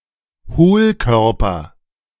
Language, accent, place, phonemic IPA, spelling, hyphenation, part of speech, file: German, Germany, Berlin, /ˈhoːlˌkœʁpɐ/, Hohlkörper, Hohl‧kör‧per, noun, De-Hohlkörper.ogg
- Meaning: hollow object